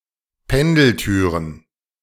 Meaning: plural of Pendeltür
- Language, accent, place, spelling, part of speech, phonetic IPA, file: German, Germany, Berlin, Pendeltüren, noun, [ˈpɛndl̩ˌtyːʁən], De-Pendeltüren.ogg